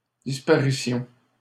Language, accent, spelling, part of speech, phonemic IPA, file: French, Canada, disparitions, noun, /dis.pa.ʁi.sjɔ̃/, LL-Q150 (fra)-disparitions.wav
- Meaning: plural of disparition